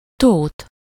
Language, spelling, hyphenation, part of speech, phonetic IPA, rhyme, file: Hungarian, Tóth, Tóth, proper noun, [ˈtoːt], -oːt, Hu-Tóth.ogg
- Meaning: a surname originating as an ethnonym